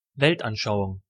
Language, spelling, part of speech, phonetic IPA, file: German, Weltanschauung, noun, [ˈvɛltʔanˌʃaʊ̯ʊŋ], De-Weltanschauung.ogg
- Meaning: worldview, weltanschauung, philosophy of life, ideology